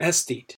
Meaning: Someone who cultivates an unusually high sensitivity to beauty, as in art or nature, often in a manner perceived to prioritize beauty over other qualities such as virtue and utility
- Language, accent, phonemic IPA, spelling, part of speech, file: English, US, /ˈɛs.θiːt/, aesthete, noun, En-us-aesthete.ogg